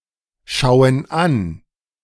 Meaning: inflection of anschauen: 1. first/third-person plural present 2. first/third-person plural subjunctive I
- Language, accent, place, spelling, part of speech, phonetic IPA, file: German, Germany, Berlin, schauen an, verb, [ˌʃaʊ̯ən ˈan], De-schauen an.ogg